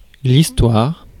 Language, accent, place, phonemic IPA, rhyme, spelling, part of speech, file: French, France, Paris, /is.twaʁ/, -aʁ, histoire, noun, Fr-histoire.ogg
- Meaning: 1. story 2. history 3. lie, fantasy, invention 4. misadventure